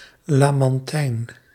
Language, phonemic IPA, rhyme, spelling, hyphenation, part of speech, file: Dutch, /ˌlaː.mɑnˈtɛi̯n/, -ɛi̯n, lamantijn, la‧man‧tijn, noun, Nl-lamantijn.ogg
- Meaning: manatee